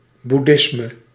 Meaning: Buddhism
- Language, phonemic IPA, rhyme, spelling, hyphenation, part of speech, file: Dutch, /ˌbuˈdɪs.mə/, -ɪsmə, boeddhisme, boed‧dhis‧me, noun, Nl-boeddhisme.ogg